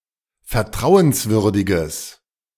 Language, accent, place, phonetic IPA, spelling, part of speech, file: German, Germany, Berlin, [fɛɐ̯ˈtʁaʊ̯ənsˌvʏʁdɪɡəs], vertrauenswürdiges, adjective, De-vertrauenswürdiges.ogg
- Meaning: strong/mixed nominative/accusative neuter singular of vertrauenswürdig